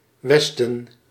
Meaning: the West
- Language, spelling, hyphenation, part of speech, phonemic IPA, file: Dutch, Westen, Wes‧ten, noun, /ˈʋɛs.tə(n)/, Nl-Westen.ogg